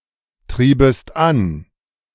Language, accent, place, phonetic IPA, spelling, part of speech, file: German, Germany, Berlin, [ˌtʁiːbəst ˈan], triebest an, verb, De-triebest an.ogg
- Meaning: second-person singular subjunctive II of antreiben